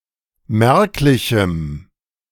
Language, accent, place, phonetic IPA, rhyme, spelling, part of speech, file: German, Germany, Berlin, [ˈmɛʁklɪçm̩], -ɛʁklɪçm̩, merklichem, adjective, De-merklichem.ogg
- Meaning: strong dative masculine/neuter singular of merklich